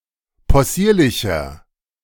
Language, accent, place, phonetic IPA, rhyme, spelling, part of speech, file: German, Germany, Berlin, [pɔˈsiːɐ̯lɪçɐ], -iːɐ̯lɪçɐ, possierlicher, adjective, De-possierlicher.ogg
- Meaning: 1. comparative degree of possierlich 2. inflection of possierlich: strong/mixed nominative masculine singular 3. inflection of possierlich: strong genitive/dative feminine singular